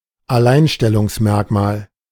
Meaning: unique selling proposition
- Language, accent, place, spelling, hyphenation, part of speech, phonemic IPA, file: German, Germany, Berlin, Alleinstellungsmerkmal, Al‧lein‧stel‧lungs‧merk‧mal, noun, /aˈlaɪ̯nʃtɛlʊŋsˌmɛʁkmaːl/, De-Alleinstellungsmerkmal.ogg